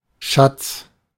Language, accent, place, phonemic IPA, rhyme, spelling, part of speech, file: German, Germany, Berlin, /ʃat͡s/, -ats, Schatz, noun, De-Schatz.ogg
- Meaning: 1. treasure 2. darling, sweetheart, honey